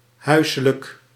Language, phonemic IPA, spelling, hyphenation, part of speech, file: Dutch, /ˈɦœy̯.sə.lək/, huiselijk, hui‧se‧lijk, adjective, Nl-huiselijk.ogg
- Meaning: 1. domestic, residential, pertaining to the home or to residences 2. cozy, homely